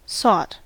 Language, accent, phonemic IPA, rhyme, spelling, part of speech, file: English, US, /sɔt/, -ɔːt, sought, verb, En-us-sought.ogg
- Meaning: simple past and past participle of seek